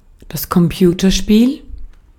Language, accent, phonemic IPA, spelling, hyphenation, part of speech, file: German, Austria, /kɔmˈpjuːtɐˌʃpiːl/, Computerspiel, Com‧pu‧ter‧spiel, noun, De-at-Computerspiel.ogg
- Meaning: computer game